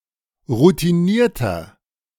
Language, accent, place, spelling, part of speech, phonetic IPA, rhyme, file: German, Germany, Berlin, routinierter, adjective, [ʁutiˈniːɐ̯tɐ], -iːɐ̯tɐ, De-routinierter.ogg
- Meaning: 1. comparative degree of routiniert 2. inflection of routiniert: strong/mixed nominative masculine singular 3. inflection of routiniert: strong genitive/dative feminine singular